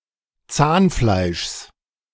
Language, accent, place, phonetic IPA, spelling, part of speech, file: German, Germany, Berlin, [ˈt͡saːnˌflaɪ̯ʃs], Zahnfleischs, noun, De-Zahnfleischs.ogg
- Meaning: genitive singular of Zahnfleisch